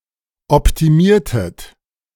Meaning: inflection of optimieren: 1. second-person plural preterite 2. second-person plural subjunctive II
- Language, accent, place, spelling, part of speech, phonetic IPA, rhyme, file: German, Germany, Berlin, optimiertet, verb, [ɔptiˈmiːɐ̯tət], -iːɐ̯tət, De-optimiertet.ogg